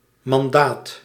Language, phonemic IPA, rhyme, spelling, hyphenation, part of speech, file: Dutch, /mɑnˈdaːt/, -aːt, mandaat, man‧daat, noun, Nl-mandaat.ogg
- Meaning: mandate